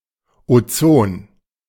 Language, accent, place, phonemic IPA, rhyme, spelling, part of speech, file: German, Germany, Berlin, /oˈt͡soːn/, -oːn, Ozon, noun, De-Ozon.ogg
- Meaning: ozone